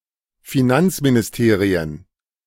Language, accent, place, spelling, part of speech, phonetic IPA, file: German, Germany, Berlin, Finanzministerien, noun, [fiˈnant͡sminɪsˌteːʁiən], De-Finanzministerien.ogg
- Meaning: plural of Finanzministerium